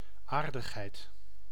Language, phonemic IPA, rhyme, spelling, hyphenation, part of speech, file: Dutch, /ˈaːr.dəxˌɦɛi̯t/, -aːrdəxɦɛi̯t, aardigheid, aar‧dig‧heid, noun, Nl-aardigheid.ogg
- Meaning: 1. friendliness, niceness, kindness 2. a small gift